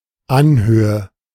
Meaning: knoll, hill, elevation, height
- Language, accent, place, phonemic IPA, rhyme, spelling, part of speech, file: German, Germany, Berlin, /ˈanˌhøːə/, -øːə, Anhöhe, noun, De-Anhöhe.ogg